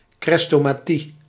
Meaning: 1. chrestomathy, collection or book of selected writings (often quoted passages) for learning 2. anthology, chrestomathy
- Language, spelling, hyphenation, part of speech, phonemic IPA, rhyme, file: Dutch, chrestomathie, chres‧to‧ma‧thie, noun, /ˌxrɛs.toː.maːˈti/, -i, Nl-chrestomathie.ogg